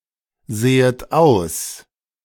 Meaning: second-person plural subjunctive I of aussehen
- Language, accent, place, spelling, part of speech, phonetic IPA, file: German, Germany, Berlin, sehet aus, verb, [ˌz̥eːət ˈaʊ̯s], De-sehet aus.ogg